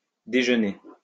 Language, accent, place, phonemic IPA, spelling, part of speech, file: French, France, Lyon, /de.ʒø.ne/, déjeusner, verb, LL-Q150 (fra)-déjeusner.wav
- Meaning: archaic form of déjeuner